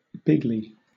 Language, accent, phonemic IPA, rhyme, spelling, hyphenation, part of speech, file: English, Southern England, /ˈbɪɡ.li/, -ɪɡli, bigly, big‧ly, adverb / adjective, LL-Q1860 (eng)-bigly.wav
- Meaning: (adverb) 1. In a big way, greatly; to a great extent, on a large scale 2. Strongly, with great force 3. In a blustering or boastful manner; haughtily, pompously; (adjective) Big league